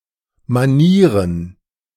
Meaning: 1. plural of Manier 2. manners
- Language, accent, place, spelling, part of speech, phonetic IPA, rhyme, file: German, Germany, Berlin, Manieren, noun, [maˈniːʁən], -iːʁən, De-Manieren.ogg